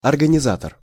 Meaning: organizer
- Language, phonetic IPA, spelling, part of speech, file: Russian, [ɐrɡənʲɪˈzatər], организатор, noun, Ru-организатор.ogg